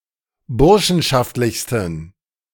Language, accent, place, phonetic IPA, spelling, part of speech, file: German, Germany, Berlin, [ˈbʊʁʃn̩ʃaftlɪçstn̩], burschenschaftlichsten, adjective, De-burschenschaftlichsten.ogg
- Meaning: 1. superlative degree of burschenschaftlich 2. inflection of burschenschaftlich: strong genitive masculine/neuter singular superlative degree